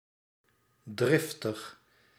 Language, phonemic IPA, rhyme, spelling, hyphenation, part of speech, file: Dutch, /ˈdrɪf.təx/, -ɪftəx, driftig, drif‧tig, adjective, Nl-driftig.ogg
- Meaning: 1. hot-tempered 2. passionate